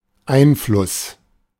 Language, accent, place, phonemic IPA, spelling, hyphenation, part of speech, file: German, Germany, Berlin, /ˈaɪ̯nˌflʊs/, Einfluss, Ein‧fluss, noun, De-Einfluss.ogg
- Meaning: 1. inflow, influx 2. influence